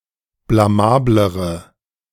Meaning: inflection of blamabel: 1. strong/mixed nominative/accusative feminine singular comparative degree 2. strong nominative/accusative plural comparative degree
- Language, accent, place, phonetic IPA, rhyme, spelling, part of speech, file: German, Germany, Berlin, [blaˈmaːbləʁə], -aːbləʁə, blamablere, adjective, De-blamablere.ogg